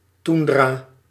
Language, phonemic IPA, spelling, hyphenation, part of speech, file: Dutch, /ˈtun.draː/, toendra, toen‧dra, noun, Nl-toendra.ogg
- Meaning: tundra